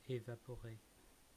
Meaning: 1. to evaporate 2. to vanish into thin air, to disappear
- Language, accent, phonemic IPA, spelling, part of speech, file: French, France, /e.va.pɔ.ʁe/, évaporer, verb, Fr-Évaporer.ogg